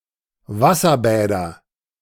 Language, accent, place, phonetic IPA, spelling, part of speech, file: German, Germany, Berlin, [ˈvasɐˌbɛːdɐ], Wasserbäder, noun, De-Wasserbäder.ogg
- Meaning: nominative/accusative/genitive plural of Wasserbad